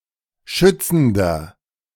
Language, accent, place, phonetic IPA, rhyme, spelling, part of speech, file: German, Germany, Berlin, [ˈʃʏt͡sn̩dɐ], -ʏt͡sn̩dɐ, schützender, adjective, De-schützender.ogg
- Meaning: inflection of schützend: 1. strong/mixed nominative masculine singular 2. strong genitive/dative feminine singular 3. strong genitive plural